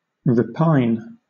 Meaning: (verb) 1. To complain; to regret; to fret 2. To long for (something) discontentedly; to pine; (noun) A repining
- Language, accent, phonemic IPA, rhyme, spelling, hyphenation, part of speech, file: English, Southern England, /ɹɪˈpaɪn/, -aɪn, repine, re‧pine, verb / noun, LL-Q1860 (eng)-repine.wav